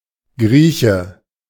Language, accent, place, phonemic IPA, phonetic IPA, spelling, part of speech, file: German, Germany, Berlin, /ˈɡriːçə/, [ˈɡʁiːçə], Grieche, noun, De-Grieche.ogg
- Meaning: 1. a Greek (person) 2. a Greek restaurant